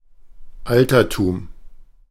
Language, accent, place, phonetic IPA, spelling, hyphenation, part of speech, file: German, Germany, Berlin, [ˈʔaltɐtuːm], Altertum, Al‧ter‧tum, noun, De-Altertum.ogg
- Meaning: antiquity